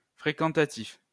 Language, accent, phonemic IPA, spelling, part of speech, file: French, France, /fʁe.kɑ̃.ta.tif/, fréquentatif, adjective / noun, LL-Q150 (fra)-fréquentatif.wav
- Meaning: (adjective) frequentative; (noun) frequentative (subclass of imperfective verbs that denotes a continuously repeated action)